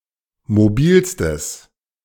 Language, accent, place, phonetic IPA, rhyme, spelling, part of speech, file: German, Germany, Berlin, [moˈbiːlstəs], -iːlstəs, mobilstes, adjective, De-mobilstes.ogg
- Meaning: strong/mixed nominative/accusative neuter singular superlative degree of mobil